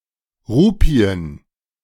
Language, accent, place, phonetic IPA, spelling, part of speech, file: German, Germany, Berlin, [ˈʁuːpi̯ən], Rupien, noun, De-Rupien.ogg
- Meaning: plural of Rupie